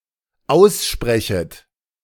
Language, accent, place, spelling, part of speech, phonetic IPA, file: German, Germany, Berlin, aussprechet, verb, [ˈaʊ̯sˌʃpʁɛçət], De-aussprechet.ogg
- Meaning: second-person plural dependent subjunctive I of aussprechen